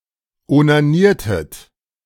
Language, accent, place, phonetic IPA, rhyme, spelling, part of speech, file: German, Germany, Berlin, [onaˈniːɐ̯tət], -iːɐ̯tət, onaniertet, verb, De-onaniertet.ogg
- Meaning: inflection of onanieren: 1. second-person plural preterite 2. second-person plural subjunctive II